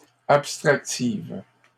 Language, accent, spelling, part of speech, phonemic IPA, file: French, Canada, abstractives, adjective, /ap.stʁak.tiv/, LL-Q150 (fra)-abstractives.wav
- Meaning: feminine plural of abstractif